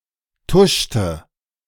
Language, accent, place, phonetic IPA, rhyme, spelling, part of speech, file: German, Germany, Berlin, [ˈtʊʃtə], -ʊʃtə, tuschte, verb, De-tuschte.ogg
- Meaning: inflection of tuschen: 1. first/third-person singular preterite 2. first/third-person singular subjunctive II